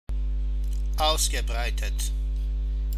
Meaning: past participle of ausbreiten
- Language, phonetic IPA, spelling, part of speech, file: German, [ˈaʊ̯sɡəˌbʁaɪ̯tət], ausgebreitet, verb, De-ausgebreitet.ogg